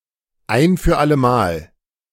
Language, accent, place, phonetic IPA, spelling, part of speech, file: German, Germany, Berlin, [ˈaɪ̯n fyːɐ̯ ˈalə maːl], ein für alle Mal, adverb, De-ein für alle Mal.ogg
- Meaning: once and for all